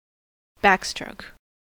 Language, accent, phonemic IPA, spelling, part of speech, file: English, US, /ˈbækˌstɹoʊk/, backstroke, noun / verb, En-us-backstroke.ogg
- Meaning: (noun) 1. A backhanded stroke or blow 2. A stroke swum lying on one's back, while rotating both arms through the water as to propel the swimmer backwards